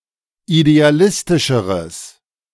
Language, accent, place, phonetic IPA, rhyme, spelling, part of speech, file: German, Germany, Berlin, [ideaˈlɪstɪʃəʁəs], -ɪstɪʃəʁəs, idealistischeres, adjective, De-idealistischeres.ogg
- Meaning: strong/mixed nominative/accusative neuter singular comparative degree of idealistisch